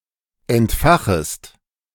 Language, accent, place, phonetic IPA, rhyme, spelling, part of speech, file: German, Germany, Berlin, [ɛntˈfaxəst], -axəst, entfachest, verb, De-entfachest.ogg
- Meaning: second-person singular subjunctive I of entfachen